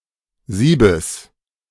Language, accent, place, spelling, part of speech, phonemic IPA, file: German, Germany, Berlin, Siebes, noun, /ˈziːbəs/, De-Siebes.ogg
- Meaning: genitive singular of Sieb